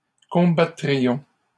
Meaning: first-person plural conditional of combattre
- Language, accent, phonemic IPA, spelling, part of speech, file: French, Canada, /kɔ̃.ba.tʁi.jɔ̃/, combattrions, verb, LL-Q150 (fra)-combattrions.wav